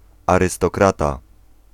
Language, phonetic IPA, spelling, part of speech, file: Polish, [ˌarɨstɔˈkrata], arystokrata, noun, Pl-arystokrata.ogg